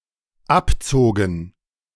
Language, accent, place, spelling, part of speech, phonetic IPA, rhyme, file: German, Germany, Berlin, abzogen, verb, [ˈapˌt͡soːɡn̩], -apt͡soːɡn̩, De-abzogen.ogg
- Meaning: first/third-person plural dependent preterite of abziehen